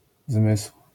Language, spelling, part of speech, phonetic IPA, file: Polish, zmysł, noun, [zmɨsw̥], LL-Q809 (pol)-zmysł.wav